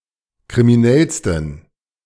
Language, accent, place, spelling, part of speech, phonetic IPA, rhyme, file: German, Germany, Berlin, kriminellsten, adjective, [kʁimiˈnɛlstn̩], -ɛlstn̩, De-kriminellsten.ogg
- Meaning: 1. superlative degree of kriminell 2. inflection of kriminell: strong genitive masculine/neuter singular superlative degree